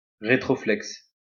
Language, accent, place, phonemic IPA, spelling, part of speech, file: French, France, Lyon, /ʁe.tʁɔ.flɛks/, rétroflexe, adjective, LL-Q150 (fra)-rétroflexe.wav
- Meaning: retroflex